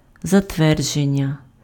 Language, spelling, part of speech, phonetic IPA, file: Ukrainian, затвердження, noun, [zɐtˈʋɛrd͡ʒenʲːɐ], Uk-затвердження.ogg
- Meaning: verbal noun of затве́рдити pf (zatvérdyty): 1. approval, confirmation (expression granting permission; indication of agreement with a proposal) 2. ratification